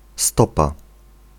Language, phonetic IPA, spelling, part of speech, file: Polish, [ˈstɔpa], stopa, noun, Pl-stopa.ogg